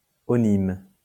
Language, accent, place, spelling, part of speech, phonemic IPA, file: French, France, Lyon, -onyme, suffix, /ɔ.nim/, LL-Q150 (fra)--onyme.wav
- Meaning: -onym